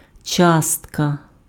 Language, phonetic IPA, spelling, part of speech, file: Ukrainian, [ˈt͡ʃastkɐ], частка, noun, Uk-частка.ogg
- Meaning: 1. fraction 2. particle 3. quotient